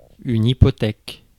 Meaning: 1. mortgage 2. obstacle
- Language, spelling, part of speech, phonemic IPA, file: French, hypothèque, noun, /i.pɔ.tɛk/, Fr-hypothèque.ogg